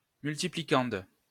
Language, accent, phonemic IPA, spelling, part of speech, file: French, France, /myl.ti.pli.kɑ̃d/, multiplicande, noun, LL-Q150 (fra)-multiplicande.wav
- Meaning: multiplicand (number that is to be multiplied by another)